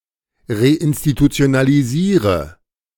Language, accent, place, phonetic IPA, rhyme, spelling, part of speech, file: German, Germany, Berlin, [ʁeʔɪnstitut͡si̯onaliˈziːʁə], -iːʁə, reinstitutionalisiere, verb, De-reinstitutionalisiere.ogg
- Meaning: inflection of reinstitutionalisieren: 1. first-person singular present 2. singular imperative 3. first/third-person singular subjunctive I